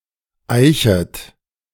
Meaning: second-person plural subjunctive I of eichen
- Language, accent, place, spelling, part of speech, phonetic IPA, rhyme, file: German, Germany, Berlin, eichet, verb, [ˈaɪ̯çət], -aɪ̯çət, De-eichet.ogg